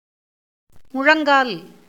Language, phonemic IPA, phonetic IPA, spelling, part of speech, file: Tamil, /mʊɻɐŋɡɑːl/, [mʊɻɐŋɡäːl], முழங்கால், noun, Ta-முழங்கால்.ogg
- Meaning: 1. knee 2. part of the leg from knee to ankle